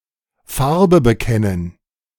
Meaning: 1. to follow suit 2. to show one's true colors, declare oneself 3. to nail one's colours to the mast, declare oneself 4. to come clean
- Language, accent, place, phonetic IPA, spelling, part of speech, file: German, Germany, Berlin, [ˈfaʁbə bəˈkɛnən], Farbe bekennen, phrase, De-Farbe bekennen.ogg